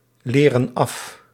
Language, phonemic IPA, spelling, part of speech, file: Dutch, /ˈlerə(n) ˈɑf/, leren af, verb, Nl-leren af.ogg
- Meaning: inflection of afleren: 1. plural present indicative 2. plural present subjunctive